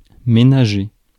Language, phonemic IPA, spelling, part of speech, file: French, /me.na.ʒe/, ménager, adjective / noun / verb, Fr-ménager.ogg
- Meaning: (adjective) household; cleaning; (noun) househusband; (verb) 1. to husband, to conserve 2. to treat gently, treat nicely 3. to conserve, go easy on 4. to go easy, take it easy